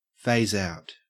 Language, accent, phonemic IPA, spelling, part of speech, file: English, Australia, /feɪ̯z äʊ̯t/, phase out, verb, En-au-phase out.ogg
- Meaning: To remove or relinquish the use of (something) little by little, either via discrete diminishing phases or (by extension) by continuous gradations; to remove in phases, or as if by phases (gradually)